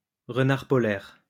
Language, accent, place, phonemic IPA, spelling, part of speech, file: French, France, Lyon, /ʁə.naʁ pɔ.lɛʁ/, renard polaire, noun, LL-Q150 (fra)-renard polaire.wav
- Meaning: arctic fox